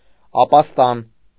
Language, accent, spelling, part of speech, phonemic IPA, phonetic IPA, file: Armenian, Eastern Armenian, ապաստան, noun, /ɑpɑsˈtɑn/, [ɑpɑstɑ́n], Hy-ապաստան.ogg
- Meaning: refuge, asylum